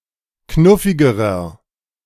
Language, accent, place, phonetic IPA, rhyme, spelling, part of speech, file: German, Germany, Berlin, [ˈknʊfɪɡəʁɐ], -ʊfɪɡəʁɐ, knuffigerer, adjective, De-knuffigerer.ogg
- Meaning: inflection of knuffig: 1. strong/mixed nominative masculine singular comparative degree 2. strong genitive/dative feminine singular comparative degree 3. strong genitive plural comparative degree